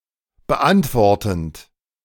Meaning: present participle of beantworten
- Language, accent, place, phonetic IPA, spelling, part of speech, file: German, Germany, Berlin, [bəˈʔantvɔʁtn̩t], beantwortend, verb, De-beantwortend.ogg